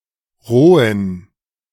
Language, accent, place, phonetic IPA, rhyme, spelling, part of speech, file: German, Germany, Berlin, [ˈʁoːən], -oːən, rohen, adjective, De-rohen.ogg
- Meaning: inflection of roh: 1. strong genitive masculine/neuter singular 2. weak/mixed genitive/dative all-gender singular 3. strong/weak/mixed accusative masculine singular 4. strong dative plural